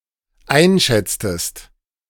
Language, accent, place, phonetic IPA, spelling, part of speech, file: German, Germany, Berlin, [ˈaɪ̯nˌʃɛt͡stəst], einschätztest, verb, De-einschätztest.ogg
- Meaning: inflection of einschätzen: 1. second-person singular dependent preterite 2. second-person singular dependent subjunctive II